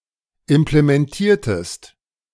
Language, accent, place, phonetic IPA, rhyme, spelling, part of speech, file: German, Germany, Berlin, [ɪmplemɛnˈtiːɐ̯təst], -iːɐ̯təst, implementiertest, verb, De-implementiertest.ogg
- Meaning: inflection of implementieren: 1. second-person singular preterite 2. second-person singular subjunctive II